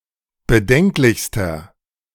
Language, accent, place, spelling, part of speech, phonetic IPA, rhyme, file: German, Germany, Berlin, bedenklichster, adjective, [bəˈdɛŋklɪçstɐ], -ɛŋklɪçstɐ, De-bedenklichster.ogg
- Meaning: inflection of bedenklich: 1. strong/mixed nominative masculine singular superlative degree 2. strong genitive/dative feminine singular superlative degree 3. strong genitive plural superlative degree